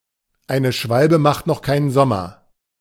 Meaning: one swallow does not a summer make
- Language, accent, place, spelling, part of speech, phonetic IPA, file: German, Germany, Berlin, eine Schwalbe macht noch keinen Sommer, phrase, [ˈaɪ̯nə ˈʃvalbə maxt nɔx ˈkaɪ̯nən ˈzɔmɐ], De-eine Schwalbe macht noch keinen Sommer.ogg